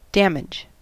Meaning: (noun) 1. Injury or harm; the condition or measure of something not being intact 2. Cost or expense; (verb) To impair the soundness, goodness, or value of; to harm or cause destruction
- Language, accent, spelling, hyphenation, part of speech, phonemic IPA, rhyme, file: English, US, damage, dam‧age, noun / verb, /ˈdæmɪd͡ʒ/, -æmɪdʒ, En-us-damage.ogg